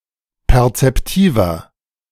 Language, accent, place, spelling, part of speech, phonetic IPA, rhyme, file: German, Germany, Berlin, perzeptiver, adjective, [pɛʁt͡sɛpˈtiːvɐ], -iːvɐ, De-perzeptiver.ogg
- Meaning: inflection of perzeptiv: 1. strong/mixed nominative masculine singular 2. strong genitive/dative feminine singular 3. strong genitive plural